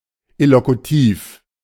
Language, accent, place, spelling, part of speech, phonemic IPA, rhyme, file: German, Germany, Berlin, illokutiv, adjective, /ɪlokuˈtiːf/, -iːf, De-illokutiv.ogg
- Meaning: illocutive